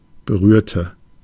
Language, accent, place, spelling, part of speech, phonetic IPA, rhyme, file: German, Germany, Berlin, berührte, adjective / verb, [bəˈʁyːɐ̯tə], -yːɐ̯tə, De-berührte.ogg
- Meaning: inflection of berühren: 1. first/third-person singular preterite 2. first/third-person singular subjunctive II